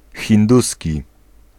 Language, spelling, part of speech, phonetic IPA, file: Polish, hinduski, adjective / noun, [xʲĩnˈdusʲci], Pl-hinduski.ogg